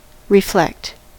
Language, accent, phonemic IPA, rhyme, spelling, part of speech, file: English, US, /ɹɪˈflɛkt/, -ɛkt, reflect, verb, En-us-reflect.ogg
- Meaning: 1. To bend back (light, etc.) from a surface 2. To be bent back (light, etc.) from a surface 3. To mirror, or show the image of something 4. To be mirrored 5. To agree with; to closely follow